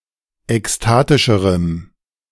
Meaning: strong dative masculine/neuter singular comparative degree of ekstatisch
- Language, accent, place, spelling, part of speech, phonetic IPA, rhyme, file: German, Germany, Berlin, ekstatischerem, adjective, [ɛksˈtaːtɪʃəʁəm], -aːtɪʃəʁəm, De-ekstatischerem.ogg